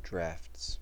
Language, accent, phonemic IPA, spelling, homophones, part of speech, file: English, US, /dɹæfts/, draughts, drafts, noun / verb, En-us-draughts.ogg
- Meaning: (noun) plural of draught